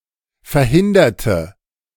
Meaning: inflection of verhindern: 1. first/third-person singular preterite 2. first/third-person singular subjunctive II
- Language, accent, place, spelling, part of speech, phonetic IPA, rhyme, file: German, Germany, Berlin, verhinderte, verb, [fɛɐ̯ˈhɪndɐtə], -ɪndɐtə, De-verhinderte.ogg